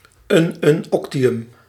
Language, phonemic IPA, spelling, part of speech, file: Dutch, /ˌynʏnˈɔktiˌjʏm/, ununoctium, noun, Nl-ununoctium.ogg
- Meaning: ununoctium